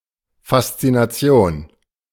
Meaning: fascination
- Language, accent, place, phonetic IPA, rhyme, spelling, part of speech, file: German, Germany, Berlin, [fast͡sinaˈt͡si̯oːn], -oːn, Faszination, noun, De-Faszination.ogg